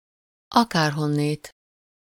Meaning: alternative form of akárhonnan
- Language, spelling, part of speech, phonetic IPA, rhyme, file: Hungarian, akárhonnét, adverb, [ˈɒkaːrɦonːeːt], -eːt, Hu-akárhonnét.ogg